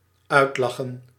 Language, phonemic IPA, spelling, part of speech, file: Dutch, /ˈœytlɑxə(n)/, uitlachen, verb, Nl-uitlachen.ogg
- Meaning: 1. to ridicule, poke fun at 2. to finish laughing